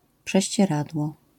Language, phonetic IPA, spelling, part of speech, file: Polish, [ˌpʃɛɕt͡ɕɛˈradwɔ], prześcieradło, noun, LL-Q809 (pol)-prześcieradło.wav